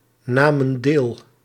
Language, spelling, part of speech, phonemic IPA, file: Dutch, namen deel, verb, /ˈnamə(n) ˈdel/, Nl-namen deel.ogg
- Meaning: inflection of deelnemen: 1. plural past indicative 2. plural past subjunctive